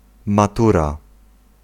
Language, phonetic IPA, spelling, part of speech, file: Polish, [maˈtura], matura, noun, Pl-matura.ogg